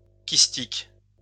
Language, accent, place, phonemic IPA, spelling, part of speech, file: French, France, Lyon, /kis.tik/, kystique, adjective, LL-Q150 (fra)-kystique.wav
- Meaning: cyst; cystic